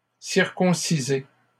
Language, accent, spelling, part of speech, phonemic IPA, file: French, Canada, circoncisez, verb, /siʁ.kɔ̃.si.ze/, LL-Q150 (fra)-circoncisez.wav
- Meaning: inflection of circoncire: 1. second-person plural present indicative 2. second-person plural imperative